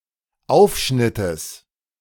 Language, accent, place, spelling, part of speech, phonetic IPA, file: German, Germany, Berlin, Aufschnittes, noun, [ˈaʊ̯fʃnɪtəs], De-Aufschnittes.ogg
- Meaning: genitive singular of Aufschnitt